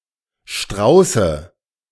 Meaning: nominative/accusative/genitive plural of Strauß
- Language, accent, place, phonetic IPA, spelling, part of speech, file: German, Germany, Berlin, [ˈʃtʁaʊ̯sə], Strauße, noun, De-Strauße.ogg